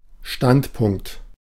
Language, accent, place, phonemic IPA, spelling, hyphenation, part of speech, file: German, Germany, Berlin, /ˈʃtantpʊŋkt/, Standpunkt, Stand‧punkt, noun, De-Standpunkt.ogg
- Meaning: 1. standpoint 2. stance, point of view (attitude, opinion, or set of beliefs)